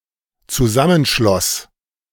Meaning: first/third-person singular dependent preterite of zusammenschließen
- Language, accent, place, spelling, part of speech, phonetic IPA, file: German, Germany, Berlin, zusammenschloss, verb, [t͡suˈzamənˌʃlɔs], De-zusammenschloss.ogg